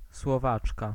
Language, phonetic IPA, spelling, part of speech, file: Polish, [swɔˈvat͡ʃka], Słowaczka, noun, Pl-Słowaczka.ogg